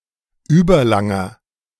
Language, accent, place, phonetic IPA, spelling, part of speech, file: German, Germany, Berlin, [ˈyːbɐˌlaŋɐ], überlanger, adjective, De-überlanger.ogg
- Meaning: inflection of überlang: 1. strong/mixed nominative masculine singular 2. strong genitive/dative feminine singular 3. strong genitive plural